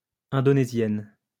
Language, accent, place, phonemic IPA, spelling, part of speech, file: French, France, Lyon, /ɛ̃.dɔ.ne.zjɛn/, Indonésienne, noun, LL-Q150 (fra)-Indonésienne.wav
- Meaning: female equivalent of Indonésien